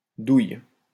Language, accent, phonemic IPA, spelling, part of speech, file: French, France, /duj/, douilles, noun, LL-Q150 (fra)-douilles.wav
- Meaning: plural of douille